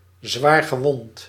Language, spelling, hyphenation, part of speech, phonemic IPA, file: Dutch, zwaargewond, zwaar‧ge‧wond, adjective, /ˌzʋaːr.ɣəˈʋɔnt/, Nl-zwaargewond.ogg
- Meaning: seriously injured, severely wounded, gravely wounded